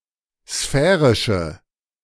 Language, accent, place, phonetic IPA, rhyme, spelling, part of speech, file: German, Germany, Berlin, [ˈsfɛːʁɪʃə], -ɛːʁɪʃə, sphärische, adjective, De-sphärische.ogg
- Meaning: inflection of sphärisch: 1. strong/mixed nominative/accusative feminine singular 2. strong nominative/accusative plural 3. weak nominative all-gender singular